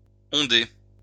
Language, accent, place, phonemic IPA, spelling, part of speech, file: French, France, Lyon, /ɔ̃.de/, ondé, adjective, LL-Q150 (fra)-ondé.wav
- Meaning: 1. wavy (of hair) 2. wavy; undy